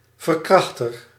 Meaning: 1. rapist 2. violator, offender
- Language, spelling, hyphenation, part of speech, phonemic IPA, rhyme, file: Dutch, verkrachter, ver‧krach‧ter, noun, /vərˈkrɑx.tər/, -ɑxtər, Nl-verkrachter.ogg